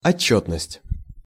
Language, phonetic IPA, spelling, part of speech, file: Russian, [ɐˈt͡ɕːɵtnəsʲtʲ], отчётность, noun, Ru-отчётность.ogg
- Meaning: 1. accountability (state of being accountable) 2. reporting